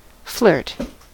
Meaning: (noun) 1. A sudden jerk; a quick throw or cast; a darting motion 2. Someone who flirts a lot or enjoys flirting; a flirtatious person 3. An act of flirting
- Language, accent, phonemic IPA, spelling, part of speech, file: English, US, /flɚt/, flirt, noun / verb / adjective, En-us-flirt.ogg